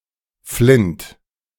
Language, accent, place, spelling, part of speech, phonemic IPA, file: German, Germany, Berlin, Flint, noun, /flɪnt/, De-Flint.ogg
- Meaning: flint, flintstone